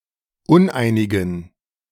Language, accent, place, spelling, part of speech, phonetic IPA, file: German, Germany, Berlin, uneinigen, adjective, [ˈʊnˌʔaɪ̯nɪɡn̩], De-uneinigen.ogg
- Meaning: inflection of uneinig: 1. strong genitive masculine/neuter singular 2. weak/mixed genitive/dative all-gender singular 3. strong/weak/mixed accusative masculine singular 4. strong dative plural